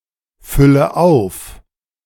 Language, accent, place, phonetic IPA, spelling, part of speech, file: German, Germany, Berlin, [ˌfʏlə ˈaʊ̯f], fülle auf, verb, De-fülle auf.ogg
- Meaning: inflection of auffüllen: 1. first-person singular present 2. first/third-person singular subjunctive I 3. singular imperative